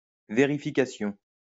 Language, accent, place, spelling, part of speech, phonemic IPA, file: French, France, Lyon, vérification, noun, /ve.ʁi.fi.ka.sjɔ̃/, LL-Q150 (fra)-vérification.wav
- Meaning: verification